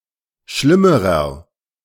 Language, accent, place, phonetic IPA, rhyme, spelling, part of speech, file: German, Germany, Berlin, [ˈʃlɪməʁɐ], -ɪməʁɐ, schlimmerer, adjective, De-schlimmerer.ogg
- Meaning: inflection of schlimm: 1. strong/mixed nominative masculine singular comparative degree 2. strong genitive/dative feminine singular comparative degree 3. strong genitive plural comparative degree